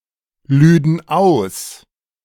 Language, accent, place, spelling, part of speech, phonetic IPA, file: German, Germany, Berlin, lüden aus, verb, [ˌlyːdn̩ ˈaʊ̯s], De-lüden aus.ogg
- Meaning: first/third-person plural subjunctive II of ausladen